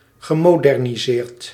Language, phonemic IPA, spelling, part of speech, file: Dutch, /ɣəˌmodɛrniˈzert/, gemoderniseerd, verb, Nl-gemoderniseerd.ogg
- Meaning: past participle of moderniseren